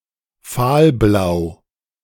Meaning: pale blue
- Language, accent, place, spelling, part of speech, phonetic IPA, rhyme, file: German, Germany, Berlin, fahlblau, adjective, [ˈfaːlˌblaʊ̯], -aːlblaʊ̯, De-fahlblau.ogg